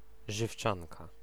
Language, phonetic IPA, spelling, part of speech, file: Polish, [ʒɨfˈt͡ʃãnka], żywczanka, noun, Pl-żywczanka.ogg